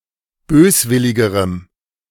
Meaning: strong dative masculine/neuter singular comparative degree of böswillig
- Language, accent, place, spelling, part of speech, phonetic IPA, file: German, Germany, Berlin, böswilligerem, adjective, [ˈbøːsˌvɪlɪɡəʁəm], De-böswilligerem.ogg